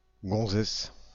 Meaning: chick, bird, broad (woman)
- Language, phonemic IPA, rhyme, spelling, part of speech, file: French, /ɡɔ̃.zɛs/, -ɛs, gonzesse, noun, Fr-gonzesse.ogg